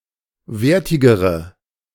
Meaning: inflection of wertig: 1. strong/mixed nominative/accusative feminine singular comparative degree 2. strong nominative/accusative plural comparative degree
- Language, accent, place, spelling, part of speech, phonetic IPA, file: German, Germany, Berlin, wertigere, adjective, [ˈveːɐ̯tɪɡəʁə], De-wertigere.ogg